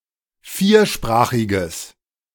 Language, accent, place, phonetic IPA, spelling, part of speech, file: German, Germany, Berlin, [ˈfiːɐ̯ˌʃpʁaːxɪɡəs], viersprachiges, adjective, De-viersprachiges.ogg
- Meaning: strong/mixed nominative/accusative neuter singular of viersprachig